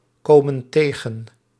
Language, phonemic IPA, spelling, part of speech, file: Dutch, /ˈkomə(n) ˈteɣə(n)/, komen tegen, verb, Nl-komen tegen.ogg
- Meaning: inflection of tegenkomen: 1. plural present indicative 2. plural present subjunctive